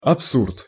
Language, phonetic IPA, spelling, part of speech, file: Russian, [ɐpˈsurt], абсурд, noun, Ru-абсурд.ogg
- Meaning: absurdity